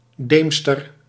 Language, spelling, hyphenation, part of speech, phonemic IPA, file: Dutch, deemster, deem‧ster, noun, /ˈdeːm.stər/, Nl-deemster.ogg
- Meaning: twilight